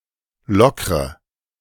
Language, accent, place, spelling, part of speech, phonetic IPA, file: German, Germany, Berlin, lockre, verb, [ˈlɔkʁə], De-lockre.ogg
- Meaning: inflection of lockern: 1. first-person singular present 2. first/third-person singular subjunctive I 3. singular imperative